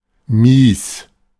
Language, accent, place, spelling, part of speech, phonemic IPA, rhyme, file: German, Germany, Berlin, mies, adjective / adverb, /miːs/, -iːs, De-mies.ogg
- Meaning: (adjective) 1. mean, wretched 2. appalling, poor; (adverb) very, severely, extremely, insanely